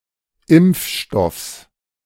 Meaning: genitive singular of Impfstoff
- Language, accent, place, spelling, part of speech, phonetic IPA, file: German, Germany, Berlin, Impfstoffs, noun, [ˈɪmp͡fˌʃtɔfs], De-Impfstoffs.ogg